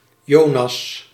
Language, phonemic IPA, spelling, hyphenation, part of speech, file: Dutch, /ˈjoː.nɑs/, Jonas, Jo‧nas, proper noun, Nl-Jonas.ogg
- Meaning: 1. Jonah 2. a male given name